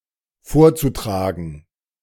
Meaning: zu-infinitive of vortragen
- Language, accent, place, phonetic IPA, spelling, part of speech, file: German, Germany, Berlin, [ˈfoːɐ̯t͡suˌtʁaːɡn̩], vorzutragen, verb, De-vorzutragen.ogg